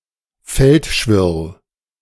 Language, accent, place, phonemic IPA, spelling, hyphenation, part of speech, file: German, Germany, Berlin, /ˈfɛltʃvɪʁl/, Feldschwirl, Feld‧schwirl, noun, De-Feldschwirl.ogg
- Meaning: common grasshopper warbler (Locustella naevia, a grass warbler)